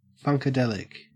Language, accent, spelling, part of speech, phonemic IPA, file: English, Australia, funkadelic, adjective, /ˌfʌŋkəˈdɛlɪk/, En-au-funkadelic.ogg
- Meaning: 1. Of, or relating to, funkadelia 2. Having a funky beat